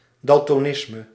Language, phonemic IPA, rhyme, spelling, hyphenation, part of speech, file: Dutch, /ˌdɑl.tɔˈnɪs.mə/, -ɪsmə, daltonisme, dal‧to‧nis‧me, noun, Nl-daltonisme.ogg
- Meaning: daltonism